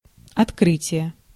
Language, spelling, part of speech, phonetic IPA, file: Russian, открытие, noun, [ɐtˈkrɨtʲɪje], Ru-открытие.ogg
- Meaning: 1. opening 2. discovery 3. revelation 4. inauguration 5. unveiling